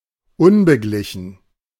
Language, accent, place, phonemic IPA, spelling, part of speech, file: German, Germany, Berlin, /ˈʊnbəˌɡlɪçn̩/, unbeglichen, adjective, De-unbeglichen.ogg
- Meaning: undischarged, unsettled, unpaid